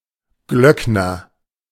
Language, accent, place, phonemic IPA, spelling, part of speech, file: German, Germany, Berlin, /ˈɡlœknɐ/, Glöckner, noun / proper noun, De-Glöckner.ogg
- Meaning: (noun) bell-ringer; campanologist; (proper noun) a surname originating as an occupation